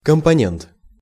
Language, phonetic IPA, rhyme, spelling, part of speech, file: Russian, [kəmpɐˈnʲent], -ent, компонент, noun, Ru-компонент.ogg
- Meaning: component, constituent (smaller, self-contained part of larger entity)